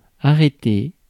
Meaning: 1. to stop, to come to a standstill; to halt, to stop from moving 2. to arrest (someone, a criminal, etc.) 3. to stop, to cease (an activity) 4. to come to a stop
- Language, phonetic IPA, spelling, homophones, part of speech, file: French, [a.re.te], arrêter, arrêté / arrêtés / arrêtée / arrêtées / arrêtez / arrêtai, verb, Fr-arrêter.ogg